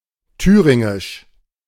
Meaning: of Thuringia; Thuringian
- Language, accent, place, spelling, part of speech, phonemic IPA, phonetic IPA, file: German, Germany, Berlin, thüringisch, adjective, /ˈtyːʁɪŋɪʃ/, [ˈtʰyːʁɪŋɪʃ], De-thüringisch.ogg